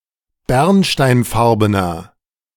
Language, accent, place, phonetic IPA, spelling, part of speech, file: German, Germany, Berlin, [ˈbɛʁnʃtaɪ̯nˌfaʁbənɐ], bernsteinfarbener, adjective, De-bernsteinfarbener.ogg
- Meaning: inflection of bernsteinfarben: 1. strong/mixed nominative masculine singular 2. strong genitive/dative feminine singular 3. strong genitive plural